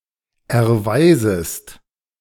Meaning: second-person singular subjunctive I of erweisen
- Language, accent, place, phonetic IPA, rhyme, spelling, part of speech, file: German, Germany, Berlin, [ɛɐ̯ˈvaɪ̯zəst], -aɪ̯zəst, erweisest, verb, De-erweisest.ogg